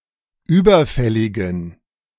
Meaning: inflection of überfällig: 1. strong genitive masculine/neuter singular 2. weak/mixed genitive/dative all-gender singular 3. strong/weak/mixed accusative masculine singular 4. strong dative plural
- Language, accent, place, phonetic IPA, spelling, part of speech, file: German, Germany, Berlin, [ˈyːbɐˌfɛlɪɡn̩], überfälligen, adjective, De-überfälligen.ogg